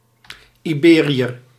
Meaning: an Iberian
- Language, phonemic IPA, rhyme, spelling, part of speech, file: Dutch, /ˌiˈbeː.ri.ər/, -eːriər, Iberiër, noun, Nl-Iberiër.ogg